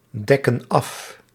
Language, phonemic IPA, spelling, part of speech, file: Dutch, /ˈdɛkə(n) ˈɑf/, dekken af, verb, Nl-dekken af.ogg
- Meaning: inflection of afdekken: 1. plural present indicative 2. plural present subjunctive